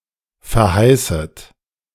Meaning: second-person plural subjunctive I of verheißen
- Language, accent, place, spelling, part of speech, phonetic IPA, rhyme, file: German, Germany, Berlin, verheißet, verb, [fɛɐ̯ˈhaɪ̯sət], -aɪ̯sət, De-verheißet.ogg